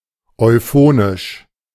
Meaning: euphonic
- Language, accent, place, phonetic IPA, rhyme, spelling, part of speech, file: German, Germany, Berlin, [ɔɪ̯ˈfoːnɪʃ], -oːnɪʃ, euphonisch, adjective, De-euphonisch.ogg